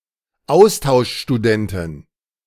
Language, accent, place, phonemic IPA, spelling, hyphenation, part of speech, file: German, Germany, Berlin, /ˈaʊ̯staʊ̯ʃʃtuˌdɛntɪn/, Austauschstudentin, Aus‧tausch‧stu‧den‧tin, noun, De-Austauschstudentin.ogg
- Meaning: female exchange student